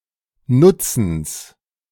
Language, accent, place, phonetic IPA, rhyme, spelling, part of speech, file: German, Germany, Berlin, [ˈnʊt͡sn̩s], -ʊt͡sn̩s, Nutzens, noun, De-Nutzens.ogg
- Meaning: genitive singular of Nutzen